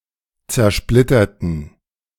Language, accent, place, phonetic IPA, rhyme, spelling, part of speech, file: German, Germany, Berlin, [t͡sɛɐ̯ˈʃplɪtɐtn̩], -ɪtɐtn̩, zersplitterten, adjective / verb, De-zersplitterten.ogg
- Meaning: Past tense first and third person plural of "zersplittern"